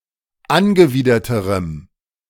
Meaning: strong dative masculine/neuter singular comparative degree of angewidert
- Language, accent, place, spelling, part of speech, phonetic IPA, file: German, Germany, Berlin, angewiderterem, adjective, [ˈanɡəˌviːdɐtəʁəm], De-angewiderterem.ogg